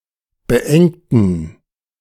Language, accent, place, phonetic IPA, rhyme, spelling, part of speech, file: German, Germany, Berlin, [bəˈʔɛŋtn̩], -ɛŋtn̩, beengten, adjective / verb, De-beengten.ogg
- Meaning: inflection of beengt: 1. strong genitive masculine/neuter singular 2. weak/mixed genitive/dative all-gender singular 3. strong/weak/mixed accusative masculine singular 4. strong dative plural